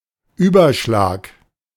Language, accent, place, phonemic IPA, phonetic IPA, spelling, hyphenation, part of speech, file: German, Germany, Berlin, /ˈyːbɐˌʃlaːk/, [ˈʔyːbɐˌʃlaːkʰ], Überschlag, Ü‧ber‧schlag, noun, De-Überschlag.ogg
- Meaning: 1. 360-degree rotation of the body at a bar or on the floor, handspring, somersault 2. estimate, rough calculation 3. electrical breakdown